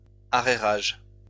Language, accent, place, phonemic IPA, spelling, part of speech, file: French, France, Lyon, /a.ʁe.ʁaʒ/, arrérages, noun, LL-Q150 (fra)-arrérages.wav
- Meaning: arrears